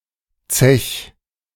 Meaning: 1. singular imperative of zechen 2. first-person singular present of zechen
- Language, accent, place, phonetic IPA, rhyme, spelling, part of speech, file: German, Germany, Berlin, [t͡sɛç], -ɛç, zech, verb, De-zech.ogg